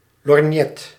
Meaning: 1. pince-nez, often with a handle 2. monocle, often with a handle 3. opera glass, lorgnette, often with a handle
- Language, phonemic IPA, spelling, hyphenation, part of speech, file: Dutch, /lɔrˈnjɛt/, lorgnet, lorg‧net, noun, Nl-lorgnet.ogg